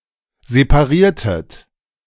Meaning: inflection of separieren: 1. second-person plural preterite 2. second-person plural subjunctive II
- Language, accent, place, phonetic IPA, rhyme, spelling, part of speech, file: German, Germany, Berlin, [zepaˈʁiːɐ̯tət], -iːɐ̯tət, separiertet, verb, De-separiertet.ogg